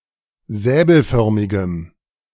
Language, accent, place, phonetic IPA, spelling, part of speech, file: German, Germany, Berlin, [ˈzɛːbl̩ˌfœʁmɪɡəm], säbelförmigem, adjective, De-säbelförmigem.ogg
- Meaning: strong dative masculine/neuter singular of säbelförmig